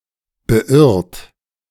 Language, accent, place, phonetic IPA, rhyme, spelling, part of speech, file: German, Germany, Berlin, [bəˈʔɪʁt], -ɪʁt, beirrt, verb, De-beirrt.ogg
- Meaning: 1. past participle of beirren 2. inflection of beirren: second-person plural present 3. inflection of beirren: third-person singular present 4. inflection of beirren: plural imperative